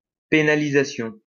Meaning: 1. penalty 2. penalization
- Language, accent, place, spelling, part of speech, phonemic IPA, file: French, France, Lyon, pénalisation, noun, /pe.na.li.za.sjɔ̃/, LL-Q150 (fra)-pénalisation.wav